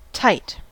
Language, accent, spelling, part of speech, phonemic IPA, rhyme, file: English, US, tight, adjective / adverb / verb, /taɪt/, -aɪt, En-us-tight.ogg
- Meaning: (adjective) 1. Firmly held together; compact; not loose or open 2. Firmly held together; compact; not loose or open.: Unyielding or firm